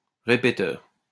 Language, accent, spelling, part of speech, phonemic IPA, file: French, France, répéteur, noun, /ʁe.pe.tœʁ/, LL-Q150 (fra)-répéteur.wav
- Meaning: repeater (device)